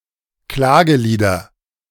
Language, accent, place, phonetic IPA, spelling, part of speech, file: German, Germany, Berlin, [ˈklaːɡəˌliːdɐ], Klagelieder, noun, De-Klagelieder.ogg
- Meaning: nominative/accusative/genitive plural of Klagelied